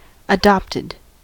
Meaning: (adjective) 1. Having been received into a relationship (especially a filial relationship) through adoption; adoptive 2. Having been assumed, chosen; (verb) simple past and past participle of adopt
- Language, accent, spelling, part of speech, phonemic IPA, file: English, US, adopted, adjective / verb, /əˈdɑptɪd/, En-us-adopted.ogg